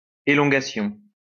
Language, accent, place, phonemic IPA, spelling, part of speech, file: French, France, Lyon, /e.lɔ̃.ɡa.sjɔ̃/, élongation, noun, LL-Q150 (fra)-élongation.wav
- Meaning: 1. elongation 2. muscle strain